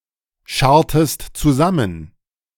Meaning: inflection of zusammenscharren: 1. second-person singular preterite 2. second-person singular subjunctive II
- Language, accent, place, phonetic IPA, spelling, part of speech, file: German, Germany, Berlin, [ˌʃaʁtəst t͡suˈzamən], scharrtest zusammen, verb, De-scharrtest zusammen.ogg